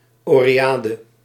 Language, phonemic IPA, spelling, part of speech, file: Dutch, /ˌoreˈjadə/, oreade, noun, Nl-oreade.ogg
- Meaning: oread